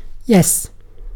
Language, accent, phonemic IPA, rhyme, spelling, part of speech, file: English, UK, /jɛs/, -ɛs, yes, particle / interjection / noun / verb / determiner, En-uk-yes.ogg
- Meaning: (particle) 1. Used to show agreement or acceptance 2. Used to indicate disagreement or dissent in reply to a negative statement